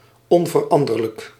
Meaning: 1. invariable, immutable 2. constant, unchanging
- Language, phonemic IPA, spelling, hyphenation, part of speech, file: Dutch, /ˈɔn.vərˌɑn.dər.lək/, onveranderlijk, on‧ver‧an‧der‧lijk, adjective, Nl-onveranderlijk.ogg